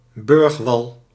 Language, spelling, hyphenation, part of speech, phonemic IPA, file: Dutch, burgwal, burg‧wal, noun, /ˈbʏrx.ʋɑl/, Nl-burgwal.ogg
- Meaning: defensive wall in a city; a city wall or citadel wall